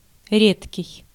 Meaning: 1. rare, unfrequent 2. rare, exceptional, extraordinary 3. thin, sparse 4. scarce
- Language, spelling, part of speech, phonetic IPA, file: Russian, редкий, adjective, [ˈrʲetkʲɪj], Ru-редкий.ogg